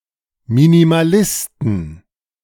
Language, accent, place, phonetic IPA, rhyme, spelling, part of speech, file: German, Germany, Berlin, [ˌminimaˈlɪstn̩], -ɪstn̩, Minimalisten, noun, De-Minimalisten.ogg
- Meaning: 1. genitive singular of Minimalist 2. plural of Minimalist